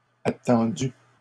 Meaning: feminine plural of attendu
- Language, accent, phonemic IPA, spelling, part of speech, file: French, Canada, /a.tɑ̃.dy/, attendues, verb, LL-Q150 (fra)-attendues.wav